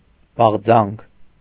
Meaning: strong desire, longing, craving
- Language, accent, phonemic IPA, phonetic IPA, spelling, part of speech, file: Armenian, Eastern Armenian, /bɑʁˈd͡zɑnkʰ/, [bɑʁd͡zɑ́ŋkʰ], բաղձանք, noun, Hy-բաղձանք.ogg